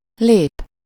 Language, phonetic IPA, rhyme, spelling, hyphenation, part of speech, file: Hungarian, [ˈleːp], -eːp, lép, lép, verb / noun, Hu-lép.ogg
- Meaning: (verb) 1. to step (to move by setting one foot forward, backward or sideways) 2. to enter, to step in (to arrive to a certain place) 3. to enter (to proceed to a new stage, level or state)